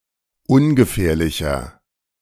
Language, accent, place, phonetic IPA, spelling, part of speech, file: German, Germany, Berlin, [ˈʊnɡəˌfɛːɐ̯lɪçɐ], ungefährlicher, adjective, De-ungefährlicher.ogg
- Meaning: 1. comparative degree of ungefährlich 2. inflection of ungefährlich: strong/mixed nominative masculine singular 3. inflection of ungefährlich: strong genitive/dative feminine singular